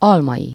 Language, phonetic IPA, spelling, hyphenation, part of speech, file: Hungarian, [ˈɒlmɒji], almai, al‧mai, noun, Hu-almai.ogg
- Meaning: third-person singular multiple-possession possessive of alom